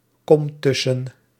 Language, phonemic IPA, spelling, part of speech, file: Dutch, /ˈkɔm ˈtʏsə(n)/, kom tussen, verb, Nl-kom tussen.ogg
- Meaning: inflection of tussenkomen: 1. first-person singular present indicative 2. second-person singular present indicative 3. imperative